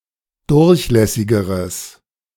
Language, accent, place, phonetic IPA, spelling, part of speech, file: German, Germany, Berlin, [ˈdʊʁçˌlɛsɪɡəʁəs], durchlässigeres, adjective, De-durchlässigeres.ogg
- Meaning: strong/mixed nominative/accusative neuter singular comparative degree of durchlässig